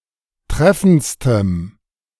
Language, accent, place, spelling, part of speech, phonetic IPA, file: German, Germany, Berlin, treffendstem, adjective, [ˈtʁɛfn̩t͡stəm], De-treffendstem.ogg
- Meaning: strong dative masculine/neuter singular superlative degree of treffend